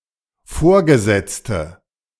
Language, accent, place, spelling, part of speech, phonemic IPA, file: German, Germany, Berlin, Vorgesetzte, noun, /ˈfoːɐ̯ɡəˌzɛt͡stə/, De-Vorgesetzte.ogg
- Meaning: 1. female equivalent of Vorgesetzter: female superior, female person in charge 2. inflection of Vorgesetzter: strong nominative/accusative plural